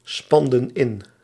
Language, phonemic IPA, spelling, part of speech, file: Dutch, /ˈspɑndə(n) ˈɪn/, spanden in, verb, Nl-spanden in.ogg
- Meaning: inflection of inspannen: 1. plural past indicative 2. plural past subjunctive